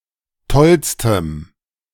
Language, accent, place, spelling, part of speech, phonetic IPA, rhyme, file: German, Germany, Berlin, tollstem, adjective, [ˈtɔlstəm], -ɔlstəm, De-tollstem.ogg
- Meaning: strong dative masculine/neuter singular superlative degree of toll